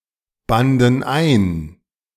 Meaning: first/third-person plural preterite of einbinden
- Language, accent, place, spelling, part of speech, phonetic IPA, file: German, Germany, Berlin, banden ein, verb, [ˌbandn̩ ˈaɪ̯n], De-banden ein.ogg